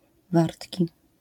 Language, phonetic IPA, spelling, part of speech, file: Polish, [ˈvartʲci], wartki, adjective, LL-Q809 (pol)-wartki.wav